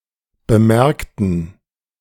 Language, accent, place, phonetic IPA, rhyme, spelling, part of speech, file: German, Germany, Berlin, [bəˈmɛʁktn̩], -ɛʁktn̩, bemerkten, adjective / verb, De-bemerkten.ogg
- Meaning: inflection of bemerken: 1. first/third-person plural preterite 2. first/third-person plural subjunctive II